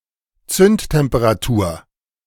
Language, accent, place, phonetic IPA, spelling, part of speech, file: German, Germany, Berlin, [ˈt͡sʏnttɛmpəʁaˌtuːɐ̯], Zündtemperatur, noun, De-Zündtemperatur.ogg
- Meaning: ignition temperature